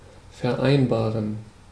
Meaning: 1. to agree upon 2. to arrange 3. to reconcile
- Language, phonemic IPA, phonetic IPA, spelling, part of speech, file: German, /fɛʁˈaɪ̯nbaːʁən/, [fɛɐ̯ˈʔaɪ̯nbaːɐ̯n], vereinbaren, verb, De-vereinbaren.ogg